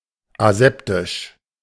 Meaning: aseptic
- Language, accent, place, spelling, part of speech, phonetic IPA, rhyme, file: German, Germany, Berlin, aseptisch, adjective, [aˈzɛptɪʃ], -ɛptɪʃ, De-aseptisch.ogg